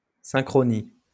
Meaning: synchrony
- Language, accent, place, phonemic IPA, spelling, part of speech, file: French, France, Lyon, /sɛ̃.kʁɔ.ni/, synchronie, noun, LL-Q150 (fra)-synchronie.wav